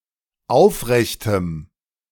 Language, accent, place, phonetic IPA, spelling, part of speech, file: German, Germany, Berlin, [ˈaʊ̯fˌʁɛçtəm], aufrechtem, adjective, De-aufrechtem.ogg
- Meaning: strong dative masculine/neuter singular of aufrecht